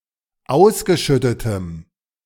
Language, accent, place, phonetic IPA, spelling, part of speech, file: German, Germany, Berlin, [ˈaʊ̯sɡəˌʃʏtətəm], ausgeschüttetem, adjective, De-ausgeschüttetem.ogg
- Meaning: strong dative masculine/neuter singular of ausgeschüttet